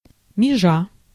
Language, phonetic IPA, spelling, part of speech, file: Russian, [mʲɪˈʐa], межа, noun, Ru-межа.ogg
- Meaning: abutment, abuttal, boundary, margin, division (as in land plots)